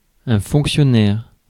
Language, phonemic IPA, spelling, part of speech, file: French, /fɔ̃k.sjɔ.nɛʁ/, fonctionnaire, noun, Fr-fonctionnaire.ogg
- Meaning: civil servant, official